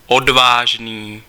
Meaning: brave, courageous
- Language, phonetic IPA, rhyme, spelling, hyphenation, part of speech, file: Czech, [ˈodvaːʒniː], -aːʒniː, odvážný, od‧váž‧ný, adjective, Cs-odvážný.ogg